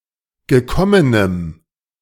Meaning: strong dative masculine/neuter singular of gekommen
- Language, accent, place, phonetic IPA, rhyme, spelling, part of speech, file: German, Germany, Berlin, [ɡəˈkɔmənəm], -ɔmənəm, gekommenem, adjective, De-gekommenem.ogg